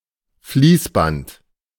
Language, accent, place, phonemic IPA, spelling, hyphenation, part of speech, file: German, Germany, Berlin, /ˈfliːsˌbant/, Fließband, Fließ‧band, noun, De-Fließband.ogg
- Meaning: assembly line, conveyor belt (especially in a factory)